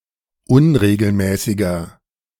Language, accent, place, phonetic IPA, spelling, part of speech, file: German, Germany, Berlin, [ˈʊnʁeːɡl̩ˌmɛːsɪɡɐ], unregelmäßiger, adjective, De-unregelmäßiger.ogg
- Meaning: 1. comparative degree of unregelmäßig 2. inflection of unregelmäßig: strong/mixed nominative masculine singular 3. inflection of unregelmäßig: strong genitive/dative feminine singular